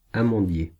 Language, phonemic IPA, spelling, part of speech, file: French, /a.mɑ̃.dje/, amandier, noun, Fr-amandier.ogg
- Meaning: almond tree